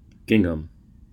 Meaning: 1. A cotton fabric made from dyed and white yarn woven in checks 2. A dress made from that material 3. An umbrella
- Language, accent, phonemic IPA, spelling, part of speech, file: English, US, /ˈɡɪŋ.əm/, gingham, noun, En-us-gingham.ogg